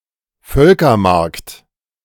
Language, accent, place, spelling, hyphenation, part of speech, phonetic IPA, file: German, Germany, Berlin, Völkermarkt, Völ‧ker‧markt, proper noun, [ˈfœlkɐmaʁkt], De-Völkermarkt.ogg
- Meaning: a municipality of Carinthia, Austria